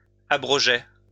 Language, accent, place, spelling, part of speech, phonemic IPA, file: French, France, Lyon, abrogeai, verb, /a.bʁɔ.ʒe/, LL-Q150 (fra)-abrogeai.wav
- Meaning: first-person singular past historic of abroger